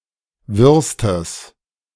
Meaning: strong/mixed nominative/accusative neuter singular superlative degree of wirr
- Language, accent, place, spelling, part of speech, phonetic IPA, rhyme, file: German, Germany, Berlin, wirrstes, adjective, [ˈvɪʁstəs], -ɪʁstəs, De-wirrstes.ogg